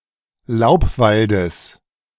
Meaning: genitive singular of Laubwald
- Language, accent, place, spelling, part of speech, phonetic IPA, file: German, Germany, Berlin, Laubwaldes, noun, [ˈlaʊ̯pˌvaldəs], De-Laubwaldes.ogg